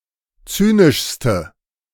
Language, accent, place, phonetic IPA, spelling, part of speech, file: German, Germany, Berlin, [ˈt͡syːnɪʃstə], zynischste, adjective, De-zynischste.ogg
- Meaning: inflection of zynisch: 1. strong/mixed nominative/accusative feminine singular superlative degree 2. strong nominative/accusative plural superlative degree